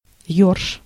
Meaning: alternative spelling of ёрш (jorš)
- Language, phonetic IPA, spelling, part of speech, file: Russian, [jɵrʂ], ерш, noun, Ru-ерш.ogg